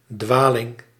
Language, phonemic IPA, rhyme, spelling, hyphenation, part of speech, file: Dutch, /ˈdʋaː.lɪŋ/, -aːlɪŋ, dwaling, dwa‧ling, noun, Nl-dwaling.ogg
- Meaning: 1. mistake, error 2. unorthodox opinion, heterodoxy 3. wandering